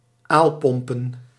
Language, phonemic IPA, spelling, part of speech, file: Dutch, /ˈalpɔmpə(n)/, aalpompen, noun, Nl-aalpompen.ogg
- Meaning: plural of aalpomp